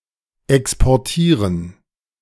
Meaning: to export
- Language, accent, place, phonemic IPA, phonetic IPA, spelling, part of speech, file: German, Germany, Berlin, /ɛkspɔʁˈtiːʁən/, [ʔɛkspɔɐ̯ˈtʰiːɐ̯n], exportieren, verb, De-exportieren.ogg